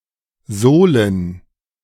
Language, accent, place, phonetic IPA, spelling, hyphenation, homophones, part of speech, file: German, Germany, Berlin, [ˈzoːlən], Solen, So‧len, Sohlen, noun, De-Solen.ogg
- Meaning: plural of Sole